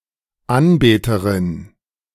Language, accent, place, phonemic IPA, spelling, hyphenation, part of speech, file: German, Germany, Berlin, /ˈanˌbeːtəʁɪn/, Anbeterin, An‧be‧te‧rin, noun, De-Anbeterin.ogg
- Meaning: female equivalent of Anbeter